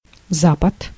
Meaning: west
- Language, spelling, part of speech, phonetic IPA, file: Russian, запад, noun, [ˈzapət], Ru-запад.ogg